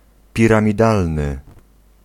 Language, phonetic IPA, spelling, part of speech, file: Polish, [ˌpʲirãmʲiˈdalnɨ], piramidalny, adjective, Pl-piramidalny.ogg